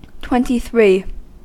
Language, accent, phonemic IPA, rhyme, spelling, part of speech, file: English, US, /ˈtwɛntiˈθɹiː/, -iː, twenty-three, numeral / interjection, En-us-twenty-three.ogg
- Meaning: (numeral) The cardinal number immediately following twenty-two and preceding twenty-four; 23; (interjection) Get lost; get out: leave